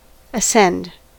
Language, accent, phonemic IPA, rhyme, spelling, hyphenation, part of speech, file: English, US, /əˈsɛnd/, -ɛnd, ascend, as‧cend, verb, En-us-ascend.ogg
- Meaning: 1. To move upward, to fly, to soar 2. To slope in an upward direction 3. To go up 4. To succeed a ruler on (the throne) 5. To rise; to become higher, more noble, etc